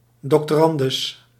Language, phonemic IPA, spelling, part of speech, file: Dutch, /dɔktoˈrɑndʏs/, drs., noun, Nl-drs..ogg
- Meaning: abbreviation of doctorandus